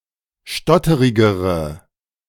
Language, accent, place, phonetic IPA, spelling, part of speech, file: German, Germany, Berlin, [ˈʃtɔtəʁɪɡəʁə], stotterigere, adjective, De-stotterigere.ogg
- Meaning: inflection of stotterig: 1. strong/mixed nominative/accusative feminine singular comparative degree 2. strong nominative/accusative plural comparative degree